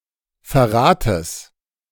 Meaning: genitive singular of Verrat
- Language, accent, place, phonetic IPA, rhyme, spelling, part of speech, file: German, Germany, Berlin, [fɛɐ̯ˈʁaːtəs], -aːtəs, Verrates, noun, De-Verrates.ogg